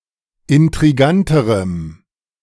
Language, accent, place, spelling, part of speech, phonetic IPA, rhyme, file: German, Germany, Berlin, intriganterem, adjective, [ɪntʁiˈɡantəʁəm], -antəʁəm, De-intriganterem.ogg
- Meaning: strong dative masculine/neuter singular comparative degree of intrigant